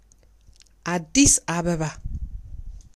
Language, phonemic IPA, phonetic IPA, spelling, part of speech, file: Amharic, /ʔa.dis ʔa.bə.ba/, [(ʔ)äˌd̪ːis ˈ(ʔ)äβəβä], አዲስ አበባ, proper noun, Addis Abeba.ogg
- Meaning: Addis Ababa (the capital city of Ethiopia)